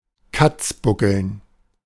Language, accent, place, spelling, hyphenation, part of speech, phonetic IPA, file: German, Germany, Berlin, katzbuckeln, katz‧bu‧ckeln, verb, [ˈkat͡sˌbʊkl̩n], De-katzbuckeln.ogg
- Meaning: to grovel